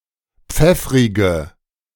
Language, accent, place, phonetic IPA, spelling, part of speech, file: German, Germany, Berlin, [ˈp͡fɛfʁɪɡə], pfeffrige, adjective, De-pfeffrige.ogg
- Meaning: inflection of pfeffrig: 1. strong/mixed nominative/accusative feminine singular 2. strong nominative/accusative plural 3. weak nominative all-gender singular